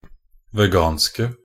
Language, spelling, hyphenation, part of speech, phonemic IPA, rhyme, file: Norwegian Bokmål, veganske, ve‧gan‧ske, adjective, /ʋɛˈɡɑːnskə/, -ɑːnskə, Nb-veganske.ogg
- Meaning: inflection of vegansk: 1. definite singular 2. plural